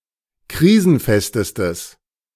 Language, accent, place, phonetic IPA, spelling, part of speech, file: German, Germany, Berlin, [ˈkʁiːzn̩ˌfɛstəstəs], krisenfestestes, adjective, De-krisenfestestes.ogg
- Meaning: strong/mixed nominative/accusative neuter singular superlative degree of krisenfest